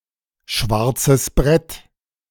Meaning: bulletin board (board on which messages may be posted, especially one in a public space)
- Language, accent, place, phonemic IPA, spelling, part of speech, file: German, Germany, Berlin, /ˌʃvaʁt͡səs ˈbʁɛt/, Schwarzes Brett, noun, De-Schwarzes Brett.ogg